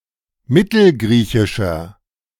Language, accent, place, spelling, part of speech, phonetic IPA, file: German, Germany, Berlin, mittelgriechischer, adjective, [ˈmɪtl̩ˌɡʁiːçɪʃɐ], De-mittelgriechischer.ogg
- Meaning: inflection of mittelgriechisch: 1. strong/mixed nominative masculine singular 2. strong genitive/dative feminine singular 3. strong genitive plural